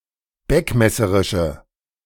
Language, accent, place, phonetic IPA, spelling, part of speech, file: German, Germany, Berlin, [ˈbɛkmɛsəʁɪʃə], beckmesserische, adjective, De-beckmesserische.ogg
- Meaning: inflection of beckmesserisch: 1. strong/mixed nominative/accusative feminine singular 2. strong nominative/accusative plural 3. weak nominative all-gender singular